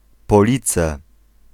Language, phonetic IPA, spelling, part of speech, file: Polish, [pɔˈlʲit͡sɛ], Police, proper noun, Pl-Police.ogg